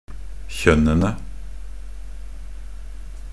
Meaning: definite plural of kjønn
- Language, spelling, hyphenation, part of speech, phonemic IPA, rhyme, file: Norwegian Bokmål, kjønnene, kjønn‧en‧e, noun, /çœnːənə/, -ənə, Nb-kjønnene.ogg